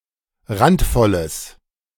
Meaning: strong/mixed nominative/accusative neuter singular of randvoll
- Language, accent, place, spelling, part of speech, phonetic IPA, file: German, Germany, Berlin, randvolles, adjective, [ˈʁantˌfɔləs], De-randvolles.ogg